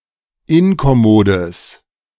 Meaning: strong/mixed nominative/accusative neuter singular of inkommod
- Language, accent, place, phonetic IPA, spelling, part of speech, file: German, Germany, Berlin, [ˈɪnkɔˌmoːdəs], inkommodes, adjective, De-inkommodes.ogg